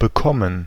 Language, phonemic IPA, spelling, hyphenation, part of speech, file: German, /bəˈkɔmən/, bekommen, be‧kom‧men, verb, De-bekommen.ogg
- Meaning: 1. to receive; to get 2. to catch 3. to agree with, to sit well with [with dative ‘someone’] (of food or drink) 4. to get (with the past participle form of a verb), forms the so-called dative passive